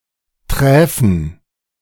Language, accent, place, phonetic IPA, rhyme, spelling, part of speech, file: German, Germany, Berlin, [ˈtʁɛːfn̩], -ɛːfn̩, träfen, adjective / verb, De-träfen.ogg
- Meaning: first/third-person plural subjunctive II of treffen